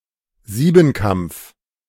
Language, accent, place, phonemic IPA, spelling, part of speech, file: German, Germany, Berlin, /ˈziːbn̩ˌkamp͡f/, Siebenkampf, noun, De-Siebenkampf.ogg
- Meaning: heptathlon